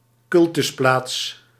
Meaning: a place of worship, usually a non-Abrahamic cultic site
- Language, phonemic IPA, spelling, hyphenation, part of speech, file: Dutch, /ˈkʏl.tʏsˌplaːts/, cultusplaats, cul‧tus‧plaats, noun, Nl-cultusplaats.ogg